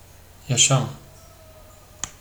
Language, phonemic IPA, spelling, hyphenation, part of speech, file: Turkish, /jaˈʃam/, yaşam, ya‧şam, noun, Tr tr yaşam.ogg
- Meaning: life